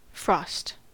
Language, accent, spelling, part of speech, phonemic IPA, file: English, US, frost, noun / verb, /fɹɔst/, En-us-frost.ogg
- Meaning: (noun) A cover of minute ice crystals on objects that are exposed to the air. Frost is formed by the same process as dew, except that the temperature of the frosted object is below freezing